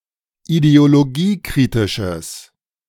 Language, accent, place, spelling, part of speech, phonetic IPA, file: German, Germany, Berlin, ideologiekritisches, adjective, [ideoloˈɡiːˌkʁɪtɪʃəs], De-ideologiekritisches.ogg
- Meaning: strong/mixed nominative/accusative neuter singular of ideologiekritisch